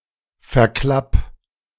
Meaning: 1. singular imperative of verklappen 2. first-person singular present of verklappen
- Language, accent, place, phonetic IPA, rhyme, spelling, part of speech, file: German, Germany, Berlin, [fɛɐ̯ˈklap], -ap, verklapp, verb, De-verklapp.ogg